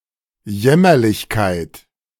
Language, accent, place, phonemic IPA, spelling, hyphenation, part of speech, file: German, Germany, Berlin, /ˈjɛmɐlɪçkaɪ̯t/, Jämmerlichkeit, Jäm‧mer‧lich‧keit, noun, De-Jämmerlichkeit.ogg
- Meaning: pitifulness